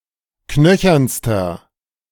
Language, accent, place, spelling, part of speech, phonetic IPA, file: German, Germany, Berlin, knöchernster, adjective, [ˈknœçɐnstɐ], De-knöchernster.ogg
- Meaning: inflection of knöchern: 1. strong/mixed nominative masculine singular superlative degree 2. strong genitive/dative feminine singular superlative degree 3. strong genitive plural superlative degree